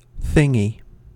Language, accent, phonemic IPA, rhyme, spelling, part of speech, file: English, US, /ˈθɪŋi/, -ɪŋi, thingy, noun / pronoun / adjective, En-us-thingy.ogg
- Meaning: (noun) 1. A thing (used to refer to something vaguely or when one cannot recall or does not wish to mention its name) 2. A penis; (pronoun) A person whose name one cannot recall